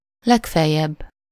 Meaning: 1. at most, maximum 2. at worst (if the worst possible alternative happens)
- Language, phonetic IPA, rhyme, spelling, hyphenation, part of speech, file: Hungarian, [ˈlɛkfɛjːɛbː], -ɛbː, legfeljebb, leg‧fel‧jebb, adverb, Hu-legfeljebb.ogg